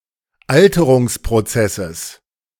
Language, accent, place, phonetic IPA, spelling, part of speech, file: German, Germany, Berlin, [ˈaltəʁʊŋspʁoˌt͡sɛsəs], Alterungsprozesses, noun, De-Alterungsprozesses.ogg
- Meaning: genitive singular of Alterungsprozess